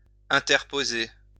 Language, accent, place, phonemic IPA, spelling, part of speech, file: French, France, Lyon, /ɛ̃.tɛʁ.po.ze/, interposer, verb, LL-Q150 (fra)-interposer.wav
- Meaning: to interpose